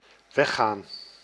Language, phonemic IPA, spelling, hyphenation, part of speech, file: Dutch, /ˈʋɛ.xaːn/, weggaan, weg‧gaan, verb, Nl-weggaan.ogg
- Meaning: to go away, to leave